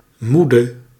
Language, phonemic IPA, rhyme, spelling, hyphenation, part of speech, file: Dutch, /ˈmu.də/, -udə, moede, moe‧de, adjective / noun, Nl-moede.ogg
- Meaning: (adjective) 1. alternative form of moe 2. inflection of moe: masculine/feminine singular attributive 3. inflection of moe: definite neuter singular attributive 4. inflection of moe: plural attributive